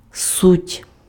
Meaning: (noun) essence, core, gist, main point; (verb) third-person plural present indicative imperfective of бу́ти (búty); (they) are
- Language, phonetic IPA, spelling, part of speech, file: Ukrainian, [sutʲ], суть, noun / verb, Uk-суть.ogg